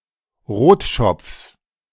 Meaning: genitive singular of Rotschopf
- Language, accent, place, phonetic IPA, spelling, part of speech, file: German, Germany, Berlin, [ˈʁoːtˌʃɔp͡fs], Rotschopfs, noun, De-Rotschopfs.ogg